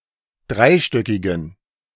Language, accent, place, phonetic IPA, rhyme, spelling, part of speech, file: German, Germany, Berlin, [ˈdʁaɪ̯ˌʃtœkɪɡn̩], -aɪ̯ʃtœkɪɡn̩, dreistöckigen, adjective, De-dreistöckigen.ogg
- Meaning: inflection of dreistöckig: 1. strong genitive masculine/neuter singular 2. weak/mixed genitive/dative all-gender singular 3. strong/weak/mixed accusative masculine singular 4. strong dative plural